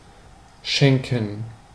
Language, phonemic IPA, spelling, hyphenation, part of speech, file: German, /ˈʃɛŋkən/, schenken, schen‧ken, verb, De-schenken.ogg
- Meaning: 1. to give as a present, to gift 2. to spare one(self) (something) 3. to pour from a vessel, to serve